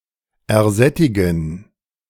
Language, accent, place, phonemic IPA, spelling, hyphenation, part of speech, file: German, Germany, Berlin, /ɛɐ̯ˈzɛtɪɡn̩/, ersättigen, er‧sät‧ti‧gen, verb, De-ersättigen.ogg
- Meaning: to satiate oneself